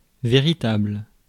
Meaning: veritable
- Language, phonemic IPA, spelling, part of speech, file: French, /ve.ʁi.tabl/, véritable, adjective, Fr-véritable.ogg